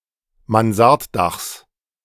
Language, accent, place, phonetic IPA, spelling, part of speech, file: German, Germany, Berlin, [manˈzaʁtˌdaxs], Mansarddachs, noun, De-Mansarddachs.ogg
- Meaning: genitive singular of Mansarddach